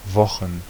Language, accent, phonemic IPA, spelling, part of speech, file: German, Germany, /ˈvɔχn/, Wochen, noun, De-Wochen.ogg
- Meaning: plural of Woche